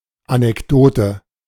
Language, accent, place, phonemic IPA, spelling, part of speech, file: German, Germany, Berlin, /anɛkˈdoːtə/, Anekdote, noun, De-Anekdote.ogg
- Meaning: anecdote